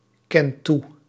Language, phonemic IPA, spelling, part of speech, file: Dutch, /ˈkɛnt ˈtu/, kent toe, verb, Nl-kent toe.ogg
- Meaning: inflection of toekennen: 1. second/third-person singular present indicative 2. plural imperative